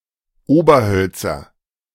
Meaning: nominative/accusative/genitive plural of Oberholz
- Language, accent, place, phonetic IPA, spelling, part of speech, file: German, Germany, Berlin, [ˈoːbɐˌhœlt͡sɐ], Oberhölzer, noun, De-Oberhölzer.ogg